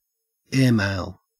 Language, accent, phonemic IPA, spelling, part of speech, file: English, Australia, /ˈɛəɹ(ˌ)meɪl/, airmail, noun / verb, En-au-airmail.ogg
- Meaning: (noun) 1. The system of conveying mail using aircraft 2. The items of mail so carried; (verb) To send mail by air